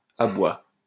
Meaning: the bark of a dog
- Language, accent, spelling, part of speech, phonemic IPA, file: French, France, aboi, noun, /a.bwa/, LL-Q150 (fra)-aboi.wav